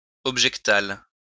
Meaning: object
- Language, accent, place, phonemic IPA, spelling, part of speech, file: French, France, Lyon, /ɔb.ʒɛk.tal/, objectal, adjective, LL-Q150 (fra)-objectal.wav